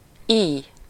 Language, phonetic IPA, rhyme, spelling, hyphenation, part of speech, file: Hungarian, [ˈiːj], -iːj, íj, íj, noun, Hu-íj.ogg
- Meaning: bow (a weapon)